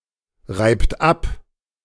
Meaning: inflection of abreiben: 1. third-person singular present 2. second-person plural present 3. plural imperative
- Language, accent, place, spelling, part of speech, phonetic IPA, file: German, Germany, Berlin, reibt ab, verb, [ˌʁaɪ̯pt ˈap], De-reibt ab.ogg